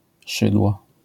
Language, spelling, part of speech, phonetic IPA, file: Polish, szydło, noun, [ˈʃɨdwɔ], LL-Q809 (pol)-szydło.wav